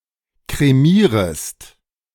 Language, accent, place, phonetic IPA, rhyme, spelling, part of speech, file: German, Germany, Berlin, [kʁeˈmiːʁəst], -iːʁəst, kremierest, verb, De-kremierest.ogg
- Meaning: second-person singular subjunctive I of kremieren